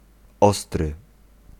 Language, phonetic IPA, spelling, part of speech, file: Polish, [ˈɔstrɨ], ostry, adjective, Pl-ostry.ogg